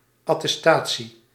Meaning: 1. document supporting an assertion, certificate 2. attestation, the act or instance of attesting 3. certificate demonstrating good standing, competence or orthodoxy
- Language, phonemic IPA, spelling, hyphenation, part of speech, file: Dutch, /ɑ.tɛsˈtaː.(t)si/, attestatie, at‧tes‧ta‧tie, noun, Nl-attestatie.ogg